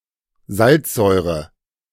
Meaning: hydrochloric acid
- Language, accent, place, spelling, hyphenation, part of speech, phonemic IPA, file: German, Germany, Berlin, Salzsäure, Salz‧säu‧re, noun, /ˈzaltsˌzɔɪ̯ʁə/, De-Salzsäure.ogg